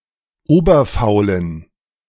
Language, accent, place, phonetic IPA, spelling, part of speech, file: German, Germany, Berlin, [ˈoːbɐfaʊ̯lən], oberfaulen, adjective, De-oberfaulen.ogg
- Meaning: inflection of oberfaul: 1. strong genitive masculine/neuter singular 2. weak/mixed genitive/dative all-gender singular 3. strong/weak/mixed accusative masculine singular 4. strong dative plural